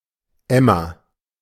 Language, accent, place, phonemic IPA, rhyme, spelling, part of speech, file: German, Germany, Berlin, /ˈɛmɐ/, -ɛmɐ, Emmer, noun, De-Emmer.ogg
- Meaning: emmer (a particular species of wheat, Triticum dicoccon)